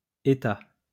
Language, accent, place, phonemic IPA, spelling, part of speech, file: French, France, Lyon, /e.ta/, états, noun, LL-Q150 (fra)-états.wav
- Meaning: plural of état